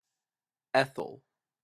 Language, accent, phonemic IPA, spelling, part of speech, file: English, Canada, /ˈɛθəl/, ethyl, noun, En-ca-ethyl.opus
- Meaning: The univalent hydrocarbon radical, C₂H₅, formally derived from ethane by the loss of a hydrogen atom